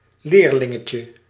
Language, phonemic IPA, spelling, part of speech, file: Dutch, /ˈlerlɪŋəcə/, leerlingetje, noun, Nl-leerlingetje.ogg
- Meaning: diminutive of leerling